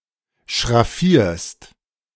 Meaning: second-person singular present of schraffieren
- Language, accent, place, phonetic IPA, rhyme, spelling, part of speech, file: German, Germany, Berlin, [ʃʁaˈfiːɐ̯st], -iːɐ̯st, schraffierst, verb, De-schraffierst.ogg